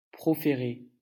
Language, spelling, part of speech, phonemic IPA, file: French, proférer, verb, /pʁɔ.fe.ʁe/, LL-Q150 (fra)-proférer.wav
- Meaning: to utter, intonate, say emphatically